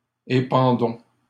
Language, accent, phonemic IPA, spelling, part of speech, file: French, Canada, /e.pɑ̃.dɔ̃/, épandons, verb, LL-Q150 (fra)-épandons.wav
- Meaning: inflection of épandre: 1. first-person plural present indicative 2. first-person plural imperative